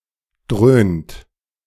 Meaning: inflection of dröhnen: 1. second-person plural present 2. third-person singular present 3. plural imperative
- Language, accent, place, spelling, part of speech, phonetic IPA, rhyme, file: German, Germany, Berlin, dröhnt, verb, [dʁøːnt], -øːnt, De-dröhnt.ogg